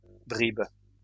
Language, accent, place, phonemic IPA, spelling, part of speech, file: French, France, Lyon, /bʁib/, bribes, noun, LL-Q150 (fra)-bribes.wav
- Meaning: plural of bribe